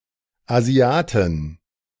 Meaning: 1. genitive singular of Asiate 2. plural of Asiate
- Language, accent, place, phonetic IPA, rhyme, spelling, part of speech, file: German, Germany, Berlin, [aˈzi̯aːtn̩], -aːtn̩, Asiaten, noun, De-Asiaten.ogg